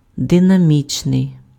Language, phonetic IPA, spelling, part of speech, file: Ukrainian, [denɐˈmʲit͡ʃnei̯], динамічний, adjective, Uk-динамічний.ogg
- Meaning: dynamic